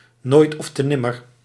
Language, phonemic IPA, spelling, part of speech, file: Dutch, /ˈnoːi̯t ɔf.tə ˈnɪ.mər/, nooit ofte nimmer, adverb, Nl-nooit ofte nimmer.ogg
- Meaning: never ever